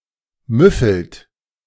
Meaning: inflection of müffeln: 1. second-person plural present 2. third-person singular present 3. plural imperative
- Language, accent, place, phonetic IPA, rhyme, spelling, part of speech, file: German, Germany, Berlin, [ˈmʏfl̩t], -ʏfl̩t, müffelt, verb, De-müffelt.ogg